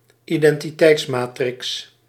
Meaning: identity matrix
- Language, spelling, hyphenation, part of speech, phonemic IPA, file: Dutch, identiteitsmatrix, iden‧ti‧teits‧ma‧trix, noun, /i.dɛn.tiˈtɛi̯tsˌmaː.trɪks/, Nl-identiteitsmatrix.ogg